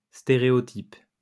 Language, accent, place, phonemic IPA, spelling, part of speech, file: French, France, Lyon, /ste.ʁe.ɔ.tip/, stéréotype, noun / verb, LL-Q150 (fra)-stéréotype.wav
- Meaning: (noun) 1. stereotype (conventional, formulaic, and oversimplified conception, opinion, or image) 2. stereotype (metal printing plate cast)